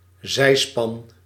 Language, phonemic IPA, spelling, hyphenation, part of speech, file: Dutch, /ˈzɛi̯.spɑn/, zijspan, zij‧span, noun, Nl-zijspan.ogg
- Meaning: sidecar